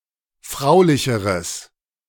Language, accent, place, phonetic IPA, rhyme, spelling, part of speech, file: German, Germany, Berlin, [ˈfʁaʊ̯lɪçəʁəs], -aʊ̯lɪçəʁəs, fraulicheres, adjective, De-fraulicheres.ogg
- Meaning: strong/mixed nominative/accusative neuter singular comparative degree of fraulich